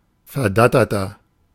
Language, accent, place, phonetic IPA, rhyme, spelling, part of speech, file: German, Germany, Berlin, [fɛɐ̯ˈdatɐtɐ], -atɐtɐ, verdatterter, adjective, De-verdatterter.ogg
- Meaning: 1. comparative degree of verdattert 2. inflection of verdattert: strong/mixed nominative masculine singular 3. inflection of verdattert: strong genitive/dative feminine singular